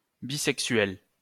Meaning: plural of bisexuel
- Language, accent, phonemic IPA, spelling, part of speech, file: French, France, /bi.sɛk.sɥɛl/, bisexuels, noun, LL-Q150 (fra)-bisexuels.wav